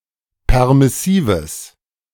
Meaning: strong/mixed nominative/accusative neuter singular of permissiv
- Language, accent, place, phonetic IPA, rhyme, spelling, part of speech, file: German, Germany, Berlin, [ˌpɛʁmɪˈsiːvəs], -iːvəs, permissives, adjective, De-permissives.ogg